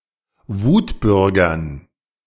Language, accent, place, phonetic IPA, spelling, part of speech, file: German, Germany, Berlin, [ˈvuːtˌbʏʁɡɐn], Wutbürgern, noun, De-Wutbürgern.ogg
- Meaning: dative plural of Wutbürger